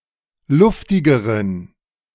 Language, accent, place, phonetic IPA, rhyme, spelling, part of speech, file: German, Germany, Berlin, [ˈlʊftɪɡəʁən], -ʊftɪɡəʁən, luftigeren, adjective, De-luftigeren.ogg
- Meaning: inflection of luftig: 1. strong genitive masculine/neuter singular comparative degree 2. weak/mixed genitive/dative all-gender singular comparative degree